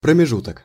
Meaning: gap, interval, period, space, stretch, span (a distance in space)
- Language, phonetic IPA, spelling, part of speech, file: Russian, [prəmʲɪˈʐutək], промежуток, noun, Ru-промежуток.ogg